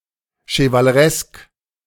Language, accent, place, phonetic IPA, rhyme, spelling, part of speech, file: German, Germany, Berlin, [ʃəvaləˈʁɛsk], -ɛsk, chevaleresk, adjective, De-chevaleresk.ogg
- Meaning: chivalrous